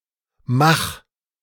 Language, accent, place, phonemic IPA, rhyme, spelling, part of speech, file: German, Germany, Berlin, /max/, -ax, mach, verb, De-mach.ogg
- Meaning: singular imperative of machen